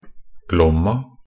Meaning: a river in Norway, the country's longest and most voluminous river, flowing from the Tydal mountains northeast of Røros through Eastern Norway to Fredrikstad
- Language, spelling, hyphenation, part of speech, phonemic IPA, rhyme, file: Norwegian Bokmål, Glomma, Glom‧ma, proper noun, /ˈɡlɔmːa/, -ɔmːa, Nb-glomma.ogg